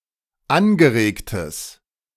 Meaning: strong/mixed nominative/accusative neuter singular of angeregt
- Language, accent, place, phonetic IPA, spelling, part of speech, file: German, Germany, Berlin, [ˈanɡəˌʁeːktəs], angeregtes, adjective, De-angeregtes.ogg